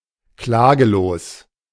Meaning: 1. uncomplaining 2. non-actionable
- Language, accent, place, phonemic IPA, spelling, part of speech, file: German, Germany, Berlin, /ˈklaːkloːs/, klaglos, adjective, De-klaglos.ogg